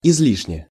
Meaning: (adverb) unnecessarily, excessively (often due to inappropriateness); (adjective) short neuter singular of изли́шний (izlíšnij)
- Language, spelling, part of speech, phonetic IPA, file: Russian, излишне, adverb / adjective, [ɪz⁽ʲ⁾ˈlʲiʂnʲe], Ru-излишне.ogg